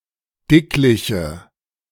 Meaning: inflection of dicklich: 1. strong/mixed nominative/accusative feminine singular 2. strong nominative/accusative plural 3. weak nominative all-gender singular
- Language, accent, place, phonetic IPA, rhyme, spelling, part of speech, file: German, Germany, Berlin, [ˈdɪklɪçə], -ɪklɪçə, dickliche, adjective, De-dickliche.ogg